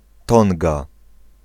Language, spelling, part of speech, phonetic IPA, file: Polish, Tonga, proper noun, [ˈtɔ̃ŋɡa], Pl-Tonga.ogg